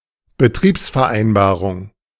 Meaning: 1. a contract about the operation of a railway by a concessionary 2. works agreement
- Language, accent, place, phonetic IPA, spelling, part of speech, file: German, Germany, Berlin, [bəˈtʁiːpsfɛɐ̯ˌʔaɪ̯nbaːʁʊŋ], Betriebsvereinbarung, noun, De-Betriebsvereinbarung.ogg